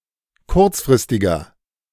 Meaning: inflection of kurzfristig: 1. strong/mixed nominative masculine singular 2. strong genitive/dative feminine singular 3. strong genitive plural
- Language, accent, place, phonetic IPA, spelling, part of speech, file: German, Germany, Berlin, [ˈkʊʁt͡sfʁɪstɪɡɐ], kurzfristiger, adjective, De-kurzfristiger.ogg